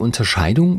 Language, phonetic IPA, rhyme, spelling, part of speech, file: German, [ʊntɐˈʃaɪ̯dʊŋ], -aɪ̯dʊŋ, Unterscheidung, noun, De-Unterscheidung.ogg
- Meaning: differentiation, discrimination